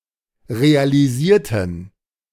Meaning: inflection of realisieren: 1. first/third-person plural preterite 2. first/third-person plural subjunctive II
- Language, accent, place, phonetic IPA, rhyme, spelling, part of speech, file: German, Germany, Berlin, [ʁealiˈziːɐ̯tn̩], -iːɐ̯tn̩, realisierten, adjective / verb, De-realisierten.ogg